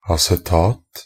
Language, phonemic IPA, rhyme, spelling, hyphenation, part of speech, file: Norwegian Bokmål, /asɛˈtɑːt/, -ɑːt, acetat, a‧ce‧tat, noun, Nb-acetat.ogg
- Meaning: 1. acetate (any ester or salt of acetic acid) 2. a textile made from acetate fiber